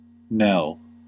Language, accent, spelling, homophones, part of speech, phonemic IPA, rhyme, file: English, US, knell, Nell, verb / noun, /nɛl/, -ɛl, En-us-knell.ogg
- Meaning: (verb) 1. To ring a bell slowly, especially for a funeral; to toll 2. To signal or proclaim something (especially a death) by ringing a bell 3. To summon by, or as if by, ringing a bell